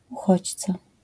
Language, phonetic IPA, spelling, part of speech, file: Polish, [uˈxɔt͡ɕt͡sa], uchodźca, noun, LL-Q809 (pol)-uchodźca.wav